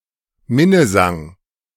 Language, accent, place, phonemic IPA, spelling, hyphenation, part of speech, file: German, Germany, Berlin, /ˈmɪnəˌzaŋ/, Minnesang, Min‧ne‧sang, noun, De-Minnesang.ogg
- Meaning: a form of medieval courtly love song